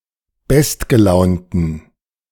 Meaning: 1. superlative degree of gutgelaunt 2. inflection of gutgelaunt: strong genitive masculine/neuter singular superlative degree
- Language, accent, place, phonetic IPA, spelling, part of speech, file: German, Germany, Berlin, [ˈbɛstɡəˌlaʊ̯ntn̩], bestgelaunten, adjective, De-bestgelaunten.ogg